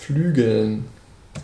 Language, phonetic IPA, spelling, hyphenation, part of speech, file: German, [ˈflyːɡl̩n], flügeln, flü‧geln, verb, De-flügeln.ogg
- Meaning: 1. to wing 2. to flutter